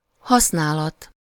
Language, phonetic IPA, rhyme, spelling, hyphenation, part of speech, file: Hungarian, [ˈhɒsnaːlɒt], -ɒt, használat, hasz‧ná‧lat, noun, Hu-használat.ogg
- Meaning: use, utilization